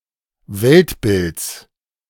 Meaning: genitive of Weltbild
- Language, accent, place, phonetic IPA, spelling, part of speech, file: German, Germany, Berlin, [ˈvɛltˌbɪlt͡s], Weltbilds, noun, De-Weltbilds.ogg